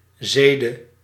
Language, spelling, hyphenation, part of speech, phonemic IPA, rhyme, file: Dutch, zede, ze‧de, noun, /ˈzeːdə/, -eːdə, Nl-zede.ogg
- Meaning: 1. a norms or habit practiced by a certain people that is considered to be just and desirable by them 2. mores, especially sexual mores